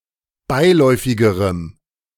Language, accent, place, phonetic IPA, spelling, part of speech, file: German, Germany, Berlin, [ˈbaɪ̯ˌlɔɪ̯fɪɡəʁəm], beiläufigerem, adjective, De-beiläufigerem.ogg
- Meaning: strong dative masculine/neuter singular comparative degree of beiläufig